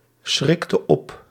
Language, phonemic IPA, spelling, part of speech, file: Dutch, /ˈsxrɔk ˈɔp/, schrikte op, verb, Nl-schrikte op.ogg
- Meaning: inflection of opschrikken: 1. singular past indicative 2. singular past subjunctive